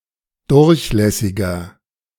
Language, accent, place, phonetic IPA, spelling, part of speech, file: German, Germany, Berlin, [ˈdʊʁçˌlɛsɪɡɐ], durchlässiger, adjective, De-durchlässiger.ogg
- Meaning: 1. comparative degree of durchlässig 2. inflection of durchlässig: strong/mixed nominative masculine singular 3. inflection of durchlässig: strong genitive/dative feminine singular